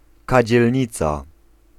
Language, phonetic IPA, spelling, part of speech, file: Polish, [ˌkad͡ʑɛlʲˈɲit͡sa], kadzielnica, noun, Pl-kadzielnica.ogg